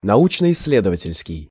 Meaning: scientific and research
- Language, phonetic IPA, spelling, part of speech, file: Russian, [nɐˌut͡ɕnə ɪs⁽ʲ⁾ːˈlʲedəvətʲɪlʲskʲɪj], научно-исследовательский, adjective, Ru-научно-исследовательский.ogg